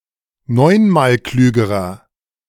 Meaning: inflection of neunmalklug: 1. strong/mixed nominative masculine singular comparative degree 2. strong genitive/dative feminine singular comparative degree 3. strong genitive plural comparative degree
- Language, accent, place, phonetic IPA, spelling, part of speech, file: German, Germany, Berlin, [ˈnɔɪ̯nmaːlˌklyːɡəʁɐ], neunmalklügerer, adjective, De-neunmalklügerer.ogg